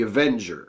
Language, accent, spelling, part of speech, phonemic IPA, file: English, US, avenger, noun, /əˈvɛndʒə(ɹ)/, En-us-avenger.ogg
- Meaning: 1. One who avenges or vindicates 2. One who takes vengeance